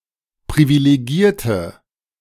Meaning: inflection of privilegieren: 1. first/third-person singular preterite 2. first/third-person singular subjunctive II
- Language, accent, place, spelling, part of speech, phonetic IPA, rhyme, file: German, Germany, Berlin, privilegierte, adjective / verb, [pʁivileˈɡiːɐ̯tə], -iːɐ̯tə, De-privilegierte.ogg